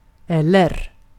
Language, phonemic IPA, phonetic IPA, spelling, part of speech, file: Swedish, /ˈɛlɛr/, [ˈɛlːɛ̠r], eller, conjunction / phrase, Sv-eller.ogg
- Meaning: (conjunction) 1. or 2. nor; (phrase) or what?